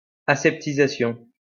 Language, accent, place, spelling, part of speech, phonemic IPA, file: French, France, Lyon, aseptisation, noun, /a.sɛp.ti.za.sjɔ̃/, LL-Q150 (fra)-aseptisation.wav
- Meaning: sterilization, disinfecting